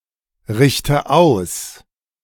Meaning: inflection of ausrichten: 1. first-person singular present 2. first/third-person singular subjunctive I 3. singular imperative
- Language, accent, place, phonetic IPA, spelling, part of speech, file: German, Germany, Berlin, [ˌʁɪçtə ˈaʊ̯s], richte aus, verb, De-richte aus.ogg